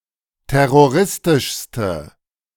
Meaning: inflection of terroristisch: 1. strong/mixed nominative/accusative feminine singular superlative degree 2. strong nominative/accusative plural superlative degree
- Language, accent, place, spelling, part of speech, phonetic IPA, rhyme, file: German, Germany, Berlin, terroristischste, adjective, [ˌtɛʁoˈʁɪstɪʃstə], -ɪstɪʃstə, De-terroristischste.ogg